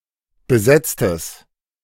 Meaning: strong/mixed nominative/accusative neuter singular of besetzt
- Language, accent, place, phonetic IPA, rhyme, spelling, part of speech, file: German, Germany, Berlin, [bəˈzɛt͡stəs], -ɛt͡stəs, besetztes, adjective, De-besetztes.ogg